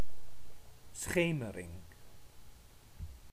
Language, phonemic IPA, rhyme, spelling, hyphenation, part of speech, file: Dutch, /ˈsxeː.mə.rɪŋ/, -eːmərɪŋ, schemering, sche‧me‧ring, noun, Nl-schemering.ogg
- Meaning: dusk, twilight